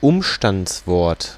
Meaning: adverb
- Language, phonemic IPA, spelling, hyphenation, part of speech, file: German, /ˈʊmʃtant͡sˌvɔʁt/, Umstandswort, Um‧stands‧wort, noun, De-Umstandswort.ogg